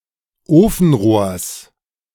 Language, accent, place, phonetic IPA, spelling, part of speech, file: German, Germany, Berlin, [ˈoːfn̩ˌʁoːɐ̯s], Ofenrohrs, noun, De-Ofenrohrs.ogg
- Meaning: genitive singular of Ofenrohr